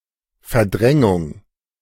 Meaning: 1. displacement 2. replacement 3. repression, suppression
- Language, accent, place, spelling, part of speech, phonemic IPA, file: German, Germany, Berlin, Verdrängung, noun, /fɛɐ̯ˈdʁɛŋʊŋ/, De-Verdrängung.ogg